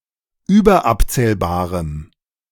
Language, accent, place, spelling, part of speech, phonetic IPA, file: German, Germany, Berlin, überabzählbarem, adjective, [ˈyːbɐˌʔapt͡sɛːlbaːʁəm], De-überabzählbarem.ogg
- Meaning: strong dative masculine/neuter singular of überabzählbar